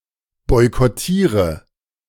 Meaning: inflection of boykottieren: 1. first-person singular present 2. singular imperative 3. first/third-person singular subjunctive I
- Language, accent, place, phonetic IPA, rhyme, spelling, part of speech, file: German, Germany, Berlin, [ˌbɔɪ̯kɔˈtiːʁə], -iːʁə, boykottiere, verb, De-boykottiere.ogg